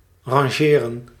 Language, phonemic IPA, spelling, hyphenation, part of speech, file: Dutch, /ˌrɑnˈʒeː.rə(n)/, rangeren, ran‧ge‧ren, verb, Nl-rangeren.ogg
- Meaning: 1. to shunt, to marshal 2. to order, to arrange, e.g. in ranks